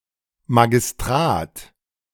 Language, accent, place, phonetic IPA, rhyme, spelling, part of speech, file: German, Germany, Berlin, [maɡɪsˈtraːt], -aːt, Magistrat, noun, De-Magistrat.ogg
- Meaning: 1. city council 2. magistracy